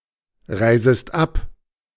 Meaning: second-person singular subjunctive I of abreisen
- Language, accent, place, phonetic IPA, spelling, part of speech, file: German, Germany, Berlin, [ˌʁaɪ̯zəst ˈap], reisest ab, verb, De-reisest ab.ogg